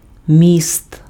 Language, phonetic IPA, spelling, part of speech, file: Ukrainian, [mʲist], міст, noun, Uk-міст.ogg
- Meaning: 1. bridge 2. connection 3. bridge (a prosthesis replacing one or several adjacent teeth) 4. axle 5. backbend 6. genitive plural of мі́сто (místo)